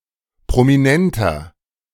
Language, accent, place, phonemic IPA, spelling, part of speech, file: German, Germany, Berlin, /pʁɔmiˈnɛntɐ/, Prominenter, noun, De-Prominenter.ogg
- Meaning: celebrity